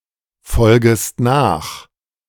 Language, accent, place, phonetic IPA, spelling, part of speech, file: German, Germany, Berlin, [ˌfɔlɡəst ˈnaːx], folgest nach, verb, De-folgest nach.ogg
- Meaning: second-person singular subjunctive I of nachfolgen